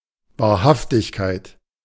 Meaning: truthfulness, veracity
- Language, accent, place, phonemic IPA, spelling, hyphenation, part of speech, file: German, Germany, Berlin, /vaːɐ̯ˈhaftɪçkaɪ̯t/, Wahrhaftigkeit, Wahr‧haf‧tig‧keit, noun, De-Wahrhaftigkeit.ogg